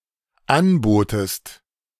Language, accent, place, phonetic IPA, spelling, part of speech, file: German, Germany, Berlin, [ˈanˌboːtəst], anbotest, verb, De-anbotest.ogg
- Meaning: second-person singular dependent preterite of anbieten